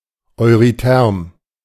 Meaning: eurythermic
- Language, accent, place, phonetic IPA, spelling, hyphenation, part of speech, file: German, Germany, Berlin, [ɔɪ̯ʁyˈtɛʁm], eurytherm, eu‧ry‧therm, adjective, De-eurytherm.ogg